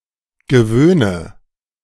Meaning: inflection of gewöhnen: 1. first-person singular present 2. first/third-person singular subjunctive I 3. singular imperative
- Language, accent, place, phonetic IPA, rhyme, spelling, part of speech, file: German, Germany, Berlin, [ɡəˈvøːnə], -øːnə, gewöhne, verb, De-gewöhne.ogg